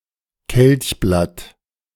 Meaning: sepal
- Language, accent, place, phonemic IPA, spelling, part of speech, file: German, Germany, Berlin, /kɛlçˈblat/, Kelchblatt, noun, De-Kelchblatt.ogg